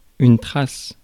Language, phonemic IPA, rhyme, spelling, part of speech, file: French, /tʁas/, -as, trace, noun / verb, Fr-trace.ogg
- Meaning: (noun) 1. trace 2. track; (verb) inflection of tracer: 1. first/third-person singular present indicative/subjunctive 2. second-person singular imperative